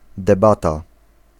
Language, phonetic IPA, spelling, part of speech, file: Polish, [dɛˈbata], debata, noun, Pl-debata.ogg